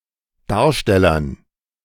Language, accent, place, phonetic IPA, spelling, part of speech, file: German, Germany, Berlin, [ˈdaːɐ̯ʃtɛlɐn], Darstellern, noun, De-Darstellern.ogg
- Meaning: dative plural of Darsteller